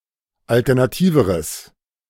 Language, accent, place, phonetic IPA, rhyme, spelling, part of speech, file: German, Germany, Berlin, [ˌaltɛʁnaˈtiːvəʁəs], -iːvəʁəs, alternativeres, adjective, De-alternativeres.ogg
- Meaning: strong/mixed nominative/accusative neuter singular comparative degree of alternativ